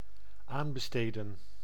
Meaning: to put out to tender; to call for bids; to tender
- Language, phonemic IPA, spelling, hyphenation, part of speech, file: Dutch, /ˈaːn.bəˌsteː.də(n)/, aanbesteden, aan‧be‧ste‧den, verb, Nl-aanbesteden.ogg